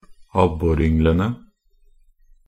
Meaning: definite plural of abboryngel
- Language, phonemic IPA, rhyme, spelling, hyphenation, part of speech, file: Norwegian Bokmål, /ˈabːɔrʏŋələnə/, -ənə, abborynglene, ab‧bor‧yng‧le‧ne, noun, Nb-abborynglene.ogg